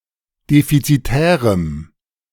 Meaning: strong dative masculine/neuter singular of defizitär
- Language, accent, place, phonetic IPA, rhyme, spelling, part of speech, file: German, Germany, Berlin, [ˌdefit͡siˈtɛːʁəm], -ɛːʁəm, defizitärem, adjective, De-defizitärem.ogg